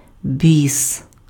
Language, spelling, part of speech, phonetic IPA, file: Ukrainian, біс, noun, [bʲis], Uk-біс.ogg
- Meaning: evil spirit, demon